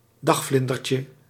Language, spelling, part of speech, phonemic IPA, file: Dutch, dagvlindertje, noun, /ˈdɑxflɪndərcə/, Nl-dagvlindertje.ogg
- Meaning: diminutive of dagvlinder